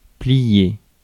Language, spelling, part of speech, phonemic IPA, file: French, plier, verb, /pli.je/, Fr-plier.ogg
- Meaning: 1. to fold (bend (something) over; arrange by folding) 2. to fold up 3. to bend 4. to mess up; to do in; to damage 5. to kill, kill off (a game)